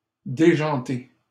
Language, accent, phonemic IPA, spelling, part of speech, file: French, Canada, /de.ʒɑ̃.te/, déjanté, adjective / verb, LL-Q150 (fra)-déjanté.wav
- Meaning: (adjective) 1. crazy, nutty 2. eccentric; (verb) past participle of déjanter